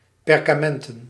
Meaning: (adjective) made of parchment, parchment; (noun) plural of perkament
- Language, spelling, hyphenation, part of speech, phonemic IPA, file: Dutch, perkamenten, per‧ka‧men‧ten, adjective / noun, /ˌpɛr.kaːˈmɛn.tə(n)/, Nl-perkamenten.ogg